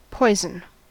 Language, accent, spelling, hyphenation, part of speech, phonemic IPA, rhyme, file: English, General American, poison, poi‧son, noun / verb, /ˈpɔɪ.zən/, -ɔɪzən, En-us-poison.ogg
- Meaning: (noun) 1. A substance that is harmful or lethal to a living organism when ingested 2. Anything harmful to a person or thing